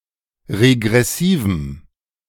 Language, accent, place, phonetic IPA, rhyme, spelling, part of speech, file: German, Germany, Berlin, [ʁeɡʁɛˈsiːvm̩], -iːvm̩, regressivem, adjective, De-regressivem.ogg
- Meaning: strong dative masculine/neuter singular of regressiv